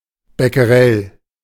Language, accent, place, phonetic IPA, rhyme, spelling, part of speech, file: German, Germany, Berlin, [bɛkəˈʁɛl], -ɛl, Becquerel, noun, De-Becquerel.ogg
- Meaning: becquerel (unit of radioactivity)